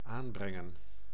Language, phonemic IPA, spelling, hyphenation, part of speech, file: Dutch, /ˈaːmbrɛŋə(n)/, aanbrengen, aan‧bren‧gen, verb, Nl-aanbrengen.ogg
- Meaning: 1. to mount, attach 2. to apply (e.g. paint onto a surface) 3. to fix, adjust 4. to recruit, to enlist 5. to bring near 6. to report, to message